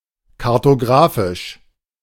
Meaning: cartographic
- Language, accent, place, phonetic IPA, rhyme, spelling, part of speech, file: German, Germany, Berlin, [kaʁtoˈɡʁaːfɪʃ], -aːfɪʃ, kartografisch, adjective, De-kartografisch.ogg